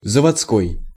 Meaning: factory, plant
- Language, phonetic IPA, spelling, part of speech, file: Russian, [zəvɐt͡sˈkoj], заводской, adjective, Ru-заводской.ogg